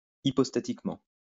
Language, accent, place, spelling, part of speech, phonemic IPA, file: French, France, Lyon, hypostatiquement, adverb, /i.pɔs.ta.tik.mɑ̃/, LL-Q150 (fra)-hypostatiquement.wav
- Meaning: hypostatically